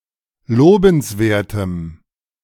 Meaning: strong dative masculine/neuter singular of lobenswert
- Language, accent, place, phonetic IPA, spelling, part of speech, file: German, Germany, Berlin, [ˈloːbn̩sˌveːɐ̯təm], lobenswertem, adjective, De-lobenswertem.ogg